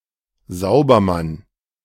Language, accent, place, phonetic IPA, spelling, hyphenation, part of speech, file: German, Germany, Berlin, [ˈzaʊ̯bɐˌman], Saubermann, Sau‧ber‧mann, noun, De-Saubermann.ogg
- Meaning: "Mr. Clean" (Someone with a squeaky clean image or who cares about public morality.)